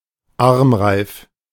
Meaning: bangle, armlet (rigid bracelet)
- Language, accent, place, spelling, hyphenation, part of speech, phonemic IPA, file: German, Germany, Berlin, Armreif, Arm‧reif, noun, /ˈaʁmˌʁaɪ̯f/, De-Armreif.ogg